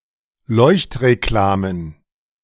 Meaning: plural of Leuchtreklame
- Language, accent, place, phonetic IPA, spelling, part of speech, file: German, Germany, Berlin, [ˈlɔɪ̯çtʁeˌklaːmən], Leuchtreklamen, noun, De-Leuchtreklamen.ogg